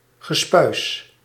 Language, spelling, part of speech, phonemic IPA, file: Dutch, gespuis, noun, /ɣəˈspœys/, Nl-gespuis.ogg
- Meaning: 1. riffraff, the common people 2. playful and mischievous children